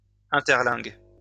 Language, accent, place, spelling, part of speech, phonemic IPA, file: French, France, Lyon, interlingue, noun, /ɛ̃.tɛʁ.lɛ̃ɡ/, LL-Q150 (fra)-interlingue.wav
- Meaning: the Interlingue language